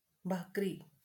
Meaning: Bhakri
- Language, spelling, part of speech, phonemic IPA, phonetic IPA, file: Marathi, भाकरी, noun, /bʱak.ɾi/, [bʱak.ɾiː], LL-Q1571 (mar)-भाकरी.wav